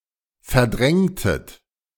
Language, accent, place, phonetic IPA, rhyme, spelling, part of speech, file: German, Germany, Berlin, [fɛɐ̯ˈdʁɛŋtət], -ɛŋtət, verdrängtet, verb, De-verdrängtet.ogg
- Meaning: inflection of verdrängen: 1. second-person plural preterite 2. second-person plural subjunctive II